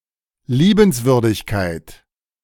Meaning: kindness, graciousness, charmingness, courtesy
- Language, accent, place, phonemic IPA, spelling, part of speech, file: German, Germany, Berlin, /ˈliːbn̩sˌvʏʁdɪçkaɪ̯t/, Liebenswürdigkeit, noun, De-Liebenswürdigkeit.ogg